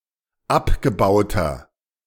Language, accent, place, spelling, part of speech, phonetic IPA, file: German, Germany, Berlin, abgebauter, adjective, [ˈapɡəˌbaʊ̯tɐ], De-abgebauter.ogg
- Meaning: inflection of abgebaut: 1. strong/mixed nominative masculine singular 2. strong genitive/dative feminine singular 3. strong genitive plural